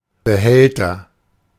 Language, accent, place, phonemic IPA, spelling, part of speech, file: German, Germany, Berlin, /bəˈhɛltɐ/, Behälter, noun, De-Behälter.ogg
- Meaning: container (item that can store or transport objects or materials)